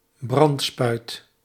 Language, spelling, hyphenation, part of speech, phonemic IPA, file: Dutch, brandspuit, brand‧spuit, noun, /ˈbrɑntˌspœy̯t/, Nl-brandspuit.ogg
- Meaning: fire hose (hose designed to deliver water to douse a fire)